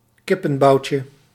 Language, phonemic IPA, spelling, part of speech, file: Dutch, /ˈkɪpə(n)ˌbɑucə/, kippenboutje, noun, Nl-kippenboutje.ogg
- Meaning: diminutive of kippenbout